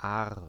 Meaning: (noun) eagle; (proper noun) 1. a tributary of the Rhine in Switzerland 2. a left tributary of the Lahn in Rhineland-Palatinate and Hesse, Germany 3. a left tributary of the Dill in Hesse, Germany
- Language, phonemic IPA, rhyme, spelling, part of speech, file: German, /aːɐ̯/, -aːɐ̯, Aar, noun / proper noun, De-Aar.ogg